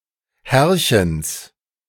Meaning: genitive of Herrchen
- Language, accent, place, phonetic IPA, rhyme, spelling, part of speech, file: German, Germany, Berlin, [ˈhɛʁçəns], -ɛʁçəns, Herrchens, noun, De-Herrchens.ogg